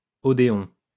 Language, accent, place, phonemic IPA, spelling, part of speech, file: French, France, Lyon, /ɔ.de.ɔ̃/, odéon, noun, LL-Q150 (fra)-odéon.wav
- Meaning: 1. odeon (an ancient Greek or Roman building used for performances of music and poetry) 2. odeon (theatre or concert hall)